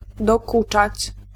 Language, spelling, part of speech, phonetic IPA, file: Polish, dokuczać, verb, [dɔˈkut͡ʃat͡ɕ], Pl-dokuczać.ogg